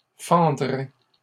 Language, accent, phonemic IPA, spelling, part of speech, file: French, Canada, /fɑ̃.dʁɛ/, fendrais, verb, LL-Q150 (fra)-fendrais.wav
- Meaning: first/second-person singular conditional of fendre